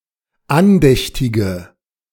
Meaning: inflection of andächtig: 1. strong/mixed nominative/accusative feminine singular 2. strong nominative/accusative plural 3. weak nominative all-gender singular
- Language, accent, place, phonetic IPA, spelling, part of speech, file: German, Germany, Berlin, [ˈanˌdɛçtɪɡə], andächtige, adjective, De-andächtige.ogg